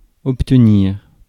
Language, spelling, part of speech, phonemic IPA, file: French, obtenir, verb, /ɔp.tə.niʁ/, Fr-obtenir.ogg
- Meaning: to get, to obtain